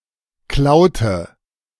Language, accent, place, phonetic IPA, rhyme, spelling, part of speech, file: German, Germany, Berlin, [ˈklaʊ̯tə], -aʊ̯tə, klaute, verb, De-klaute.ogg
- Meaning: inflection of klauen: 1. first/third-person singular preterite 2. first/third-person singular subjunctive II